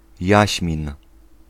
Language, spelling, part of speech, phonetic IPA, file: Polish, jaśmin, noun, [ˈjäɕmʲĩn], Pl-jaśmin.ogg